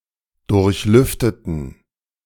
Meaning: inflection of durchlüften: 1. first/third-person plural preterite 2. first/third-person plural subjunctive II
- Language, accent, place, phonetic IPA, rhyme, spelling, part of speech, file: German, Germany, Berlin, [ˌdʊʁçˈlʏftətn̩], -ʏftətn̩, durchlüfteten, adjective / verb, De-durchlüfteten.ogg